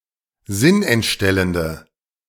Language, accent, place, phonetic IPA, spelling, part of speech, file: German, Germany, Berlin, [ˈzɪnʔɛntˌʃtɛləndə], sinnentstellende, adjective, De-sinnentstellende.ogg
- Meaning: inflection of sinnentstellend: 1. strong/mixed nominative/accusative feminine singular 2. strong nominative/accusative plural 3. weak nominative all-gender singular